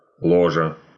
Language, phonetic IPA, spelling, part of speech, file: Russian, [ˈɫoʐə], ложа, noun, Ru-ло́жа.ogg
- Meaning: 1. box (compartment to sit in) 2. lodge